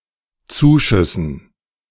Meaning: dative plural of Zuschuss
- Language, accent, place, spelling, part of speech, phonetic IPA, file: German, Germany, Berlin, Zuschüssen, noun, [ˈt͡suːˌʃʏsn̩], De-Zuschüssen.ogg